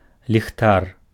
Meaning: lantern
- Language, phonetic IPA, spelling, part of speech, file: Belarusian, [lʲixˈtar], ліхтар, noun, Be-ліхтар.ogg